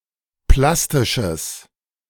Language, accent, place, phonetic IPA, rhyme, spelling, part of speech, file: German, Germany, Berlin, [ˈplastɪʃəs], -astɪʃəs, plastisches, adjective, De-plastisches.ogg
- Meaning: strong/mixed nominative/accusative neuter singular of plastisch